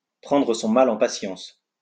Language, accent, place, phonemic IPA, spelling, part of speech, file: French, France, Lyon, /pʁɑ̃.dʁə sɔ̃ ma.l‿ɑ̃ pa.sjɑ̃s/, prendre son mal en patience, verb, LL-Q150 (fra)-prendre son mal en patience.wav
- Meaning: to bear with it, to put up with it, to grin and bear it; to wait patiently for better times; to be patient